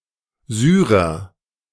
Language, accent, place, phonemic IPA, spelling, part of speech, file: German, Germany, Berlin, /ˈzyːʁɐ/, Syrer, noun, De-Syrer.ogg
- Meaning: Syrian